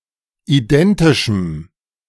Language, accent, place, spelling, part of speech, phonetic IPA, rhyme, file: German, Germany, Berlin, identischem, adjective, [iˈdɛntɪʃm̩], -ɛntɪʃm̩, De-identischem.ogg
- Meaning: strong dative masculine/neuter singular of identisch